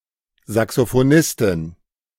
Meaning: female saxophonist
- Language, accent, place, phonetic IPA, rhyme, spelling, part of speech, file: German, Germany, Berlin, [zaksofoˈnɪstɪn], -ɪstɪn, Saxophonistin, noun, De-Saxophonistin.ogg